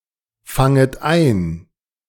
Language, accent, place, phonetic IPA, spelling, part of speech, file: German, Germany, Berlin, [ˌfaŋət ˈaɪ̯n], fanget ein, verb, De-fanget ein.ogg
- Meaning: second-person plural subjunctive I of einfangen